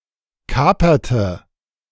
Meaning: inflection of kapern: 1. first/third-person singular preterite 2. first/third-person singular subjunctive II
- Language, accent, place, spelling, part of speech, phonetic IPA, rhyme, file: German, Germany, Berlin, kaperte, verb, [ˈkaːpɐtə], -aːpɐtə, De-kaperte.ogg